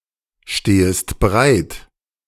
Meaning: second-person singular subjunctive I of bereitstehen
- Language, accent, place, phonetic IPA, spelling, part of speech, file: German, Germany, Berlin, [ˌʃteːəst bəˈʁaɪ̯t], stehest bereit, verb, De-stehest bereit.ogg